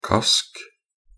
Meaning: alternative spelling of karsk
- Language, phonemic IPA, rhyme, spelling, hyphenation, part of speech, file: Norwegian Bokmål, /kask/, -ask, kask, kask, noun, Nb-kask.ogg